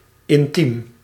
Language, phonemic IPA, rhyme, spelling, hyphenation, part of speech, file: Dutch, /ɪnˈtim/, -im, intiem, in‧tiem, adjective, Nl-intiem.ogg
- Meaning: 1. intimate, personal 2. warm, friendly 3. intimate, sexual